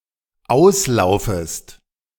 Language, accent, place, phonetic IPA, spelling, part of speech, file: German, Germany, Berlin, [ˈaʊ̯sˌlaʊ̯fəst], auslaufest, verb, De-auslaufest.ogg
- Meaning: second-person singular dependent subjunctive I of auslaufen